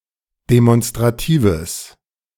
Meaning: strong/mixed nominative/accusative neuter singular of demonstrativ
- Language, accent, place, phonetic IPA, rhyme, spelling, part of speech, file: German, Germany, Berlin, [demɔnstʁaˈtiːvəs], -iːvəs, demonstratives, adjective, De-demonstratives.ogg